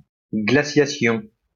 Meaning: glaciation
- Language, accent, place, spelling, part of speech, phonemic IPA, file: French, France, Lyon, glaciation, noun, /ɡla.sja.sjɔ̃/, LL-Q150 (fra)-glaciation.wav